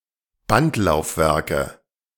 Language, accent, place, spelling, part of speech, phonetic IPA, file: German, Germany, Berlin, Bandlaufwerke, noun, [ˈbantlaʊ̯fˌvɛʁkə], De-Bandlaufwerke.ogg
- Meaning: nominative/accusative/genitive plural of Bandlaufwerk